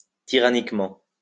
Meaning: tyrannically (in the manner of a tyrant)
- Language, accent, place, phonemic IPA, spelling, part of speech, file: French, France, Lyon, /ti.ʁa.nik.mɑ̃/, tyranniquement, adverb, LL-Q150 (fra)-tyranniquement.wav